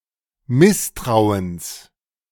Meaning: genitive singular of Misstrauen
- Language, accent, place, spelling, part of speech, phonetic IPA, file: German, Germany, Berlin, Misstrauens, noun, [ˈmɪsˌtʁaʊ̯əns], De-Misstrauens.ogg